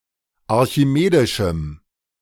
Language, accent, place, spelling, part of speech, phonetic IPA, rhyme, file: German, Germany, Berlin, archimedischem, adjective, [aʁçiˈmeːdɪʃm̩], -eːdɪʃm̩, De-archimedischem.ogg
- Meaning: strong dative masculine/neuter singular of archimedisch